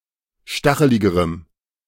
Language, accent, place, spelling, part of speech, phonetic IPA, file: German, Germany, Berlin, stacheligerem, adjective, [ˈʃtaxəlɪɡəʁəm], De-stacheligerem.ogg
- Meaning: strong dative masculine/neuter singular comparative degree of stachelig